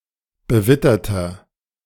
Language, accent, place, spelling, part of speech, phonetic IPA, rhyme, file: German, Germany, Berlin, bewitterter, adjective, [bəˈvɪtɐtɐ], -ɪtɐtɐ, De-bewitterter.ogg
- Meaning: inflection of bewittert: 1. strong/mixed nominative masculine singular 2. strong genitive/dative feminine singular 3. strong genitive plural